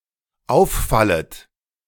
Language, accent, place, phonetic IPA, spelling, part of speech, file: German, Germany, Berlin, [ˈaʊ̯fˌfalət], auffallet, verb, De-auffallet.ogg
- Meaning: second-person plural dependent subjunctive I of auffallen